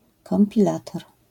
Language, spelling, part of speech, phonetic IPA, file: Polish, kompilator, noun, [ˌkɔ̃mpʲiˈlatɔr], LL-Q809 (pol)-kompilator.wav